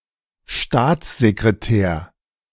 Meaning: Secretary of State
- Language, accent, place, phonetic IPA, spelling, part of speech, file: German, Germany, Berlin, [ˈʃtaːt͡szekʁeˌtɛːɐ̯], Staatssekretär, noun, De-Staatssekretär.ogg